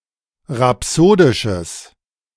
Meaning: strong/mixed nominative/accusative neuter singular of rhapsodisch
- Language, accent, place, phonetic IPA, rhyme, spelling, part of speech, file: German, Germany, Berlin, [ʁaˈpsoːdɪʃəs], -oːdɪʃəs, rhapsodisches, adjective, De-rhapsodisches.ogg